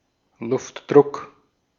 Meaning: air pressure
- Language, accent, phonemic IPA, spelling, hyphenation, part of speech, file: German, Austria, /ˈlʊftˌdʁʊk/, Luftdruck, Luft‧druck, noun, De-at-Luftdruck.ogg